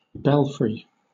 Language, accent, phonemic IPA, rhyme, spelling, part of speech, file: English, Southern England, /ˈbɛlfɹi/, -ɛlfɹi, belfry, noun, LL-Q1860 (eng)-belfry.wav
- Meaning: 1. A tower or steeple typically containing bells, especially as part of a church 2. A part of a large tower or steeple, specifically for containing bells 3. A shed 4. A movable tower used in sieges